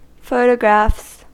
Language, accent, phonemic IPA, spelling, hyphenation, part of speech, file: English, US, /ˈfoʊ.təˌɡɹæfs/, photographs, pho‧to‧graphs, noun / verb, En-us-photographs.ogg
- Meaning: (noun) plural of photograph; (verb) third-person singular simple present indicative of photograph